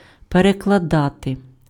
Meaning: 1. to translate, to interpret 2. to shift (onto) 3. to re-lay (:cables, pipes, rails, etc. elsewhere)
- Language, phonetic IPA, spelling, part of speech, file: Ukrainian, [perekɫɐˈdate], перекладати, verb, Uk-перекладати.ogg